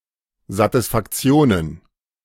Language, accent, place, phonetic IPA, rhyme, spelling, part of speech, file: German, Germany, Berlin, [zatɪsfakˈt͡si̯oːnən], -oːnən, Satisfaktionen, noun, De-Satisfaktionen.ogg
- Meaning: plural of Satisfaktion